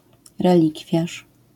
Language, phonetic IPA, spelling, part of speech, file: Polish, [rɛˈlʲikfʲjaʃ], relikwiarz, noun, LL-Q809 (pol)-relikwiarz.wav